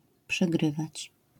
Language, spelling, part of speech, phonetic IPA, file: Polish, przegrywać, verb, [pʃɛˈɡrɨvat͡ɕ], LL-Q809 (pol)-przegrywać.wav